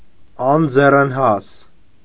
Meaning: 1. unhandy, unskilful, inept 2. unprofitable, disadvantageous, useless
- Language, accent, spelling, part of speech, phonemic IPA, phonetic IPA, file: Armenian, Eastern Armenian, անձեռնհաս, adjective, /ɑnd͡zerənˈhɑs/, [ɑnd͡zerənhɑ́s], Hy-անձեռնհաս.ogg